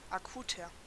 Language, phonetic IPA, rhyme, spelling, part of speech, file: German, [aˈkuːtɐ], -uːtɐ, akuter, adjective, De-akuter.ogg
- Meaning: 1. comparative degree of akut 2. inflection of akut: strong/mixed nominative masculine singular 3. inflection of akut: strong genitive/dative feminine singular